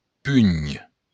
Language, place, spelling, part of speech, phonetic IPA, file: Occitan, Béarn, punh, noun, [pyn], LL-Q14185 (oci)-punh.wav
- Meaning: fist